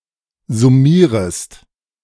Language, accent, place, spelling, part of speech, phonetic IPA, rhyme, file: German, Germany, Berlin, summierest, verb, [zʊˈmiːʁəst], -iːʁəst, De-summierest.ogg
- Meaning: second-person singular subjunctive I of summieren